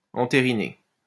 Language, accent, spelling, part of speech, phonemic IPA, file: French, France, entériner, verb, /ɑ̃.te.ʁi.ne/, LL-Q150 (fra)-entériner.wav
- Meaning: to ratify, to confirm, to consent